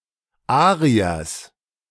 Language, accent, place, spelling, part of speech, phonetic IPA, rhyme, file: German, Germany, Berlin, Ariers, noun, [ˈaːʁiɐs], -aːʁiɐs, De-Ariers.ogg
- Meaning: genitive singular of Arier